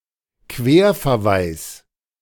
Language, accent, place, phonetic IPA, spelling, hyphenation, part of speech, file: German, Germany, Berlin, [ˈkveːɐ̯fɛɐ̯ˌvaɪ̯s], Querverweis, Quer‧ver‧weis, noun, De-Querverweis.ogg
- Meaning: cross-reference